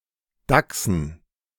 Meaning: dative plural of Dachs
- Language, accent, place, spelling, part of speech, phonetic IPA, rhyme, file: German, Germany, Berlin, Dachsen, noun, [ˈdaksn̩], -aksn̩, De-Dachsen.ogg